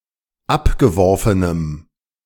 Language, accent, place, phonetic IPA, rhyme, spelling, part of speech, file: German, Germany, Berlin, [ˈapɡəˌvɔʁfənəm], -apɡəvɔʁfənəm, abgeworfenem, adjective, De-abgeworfenem.ogg
- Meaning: strong dative masculine/neuter singular of abgeworfen